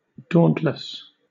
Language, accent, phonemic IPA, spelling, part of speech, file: English, Southern England, /ˈdɔːnt.ləs/, dauntless, adjective, LL-Q1860 (eng)-dauntless.wav
- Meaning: Invulnerable to fear or intimidation